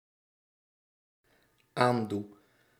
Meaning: inflection of aandoen: 1. first-person singular dependent-clause present indicative 2. singular dependent-clause present subjunctive
- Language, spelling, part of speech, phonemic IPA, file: Dutch, aandoe, verb, /ˈandu/, Nl-aandoe.ogg